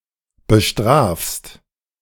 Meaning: second-person singular present of bestrafen
- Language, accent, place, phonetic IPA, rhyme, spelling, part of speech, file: German, Germany, Berlin, [bəˈʃtʁaːfst], -aːfst, bestrafst, verb, De-bestrafst.ogg